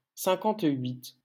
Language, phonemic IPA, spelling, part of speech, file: French, /sɛ̃.kɑ̃.tɥit/, cinquante-huit, numeral, LL-Q150 (fra)-cinquante-huit.wav
- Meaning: fifty-eight